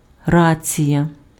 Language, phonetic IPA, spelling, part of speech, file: Ukrainian, [ˈrat͡sʲijɐ], рація, noun, Uk-рація.ogg
- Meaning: 1. reason, ground, cause, motive 2. salutatory, speech of greeting 3. walkie-talkie